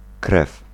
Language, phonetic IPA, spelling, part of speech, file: Polish, [krɛf], krew, noun / verb, Pl-krew.ogg